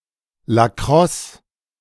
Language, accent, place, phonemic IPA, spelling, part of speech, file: German, Germany, Berlin, /laˈkʁɔs/, Lacrosse, noun, De-Lacrosse.ogg
- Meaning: lacrosse